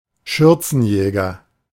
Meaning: skirt chaser, womanizer, philanderer (habitual seducer of women)
- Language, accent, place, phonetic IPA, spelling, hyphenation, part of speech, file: German, Germany, Berlin, [ˈʃʏʁt͡sn̩jɛːɡɐ], Schürzenjäger, Schür‧zen‧jä‧ger, noun, De-Schürzenjäger.ogg